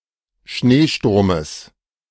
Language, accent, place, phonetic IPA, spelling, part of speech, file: German, Germany, Berlin, [ˈʃneːˌʃtʊʁməs], Schneesturmes, noun, De-Schneesturmes.ogg
- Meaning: genitive singular of Schneesturm